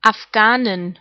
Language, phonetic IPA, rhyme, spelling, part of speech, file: German, [afˈɡaːnɪn], -aːnɪn, Afghanin, noun, De-Afghanin.ogg
- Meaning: female Afghan